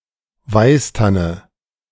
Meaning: silver fir, European silver fir, Abies alba (large evergreen coniferous tree)
- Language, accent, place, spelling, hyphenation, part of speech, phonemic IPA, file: German, Germany, Berlin, Weißtanne, Weiß‧tan‧ne, noun, /ˈvaɪ̯sˌtanə/, De-Weißtanne.ogg